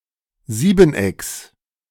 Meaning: genitive singular of Siebeneck
- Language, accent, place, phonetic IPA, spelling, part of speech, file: German, Germany, Berlin, [ˈziːbn̩ˌʔɛks], Siebenecks, noun, De-Siebenecks.ogg